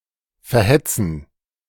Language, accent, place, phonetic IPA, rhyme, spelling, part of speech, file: German, Germany, Berlin, [fɛɐ̯ˈhɛt͡sn̩], -ɛt͡sn̩, verhetzen, verb, De-verhetzen.ogg
- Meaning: to incite (hate)